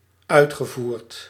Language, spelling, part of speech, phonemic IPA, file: Dutch, uitgevoerd, adjective / verb, /ˈœytxəˌvurt/, Nl-uitgevoerd.ogg
- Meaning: past participle of uitvoeren